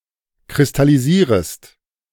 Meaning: second-person singular subjunctive I of kristallisieren
- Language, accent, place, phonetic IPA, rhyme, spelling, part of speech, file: German, Germany, Berlin, [kʁɪstaliˈziːʁəst], -iːʁəst, kristallisierest, verb, De-kristallisierest.ogg